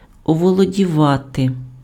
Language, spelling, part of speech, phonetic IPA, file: Ukrainian, оволодівати, verb, [ɔwɔɫɔdʲiˈʋate], Uk-оволодівати.ogg
- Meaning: 1. to capture, to take hold of, to seize 2. to overcome, to gain control over (:feelings) 3. to master (become proficient in)